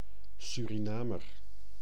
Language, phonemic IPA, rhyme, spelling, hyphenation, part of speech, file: Dutch, /ˌsy.riˈnaː.mər/, -aːmər, Surinamer, Su‧ri‧na‧mer, noun, Nl-Surinamer.ogg
- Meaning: Surinamer